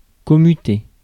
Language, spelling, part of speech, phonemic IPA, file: French, commuter, verb, /kɔ.my.te/, Fr-commuter.ogg
- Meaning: 1. to commute 2. to switch